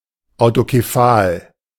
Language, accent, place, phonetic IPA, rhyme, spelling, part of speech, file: German, Germany, Berlin, [aʊ̯tokeˈfaːl], -aːl, autokephal, adjective, De-autokephal.ogg
- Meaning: autocephalous, autocephalic